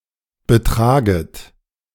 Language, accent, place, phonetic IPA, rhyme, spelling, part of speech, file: German, Germany, Berlin, [bəˈtʁaːɡət], -aːɡət, betraget, verb, De-betraget.ogg
- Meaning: second-person plural subjunctive I of betragen